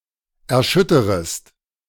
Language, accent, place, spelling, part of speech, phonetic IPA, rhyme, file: German, Germany, Berlin, erschütterest, verb, [ɛɐ̯ˈʃʏtəʁəst], -ʏtəʁəst, De-erschütterest.ogg
- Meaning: second-person singular subjunctive I of erschüttern